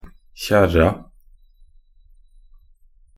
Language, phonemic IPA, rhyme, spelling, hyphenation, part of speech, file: Norwegian Bokmål, /ˈçɛrːa/, -ɛrːa, kjerra, kjer‧ra, noun, Nb-kjerra.ogg
- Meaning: 1. definite feminine singular of kjerre 2. definite plural of kjerr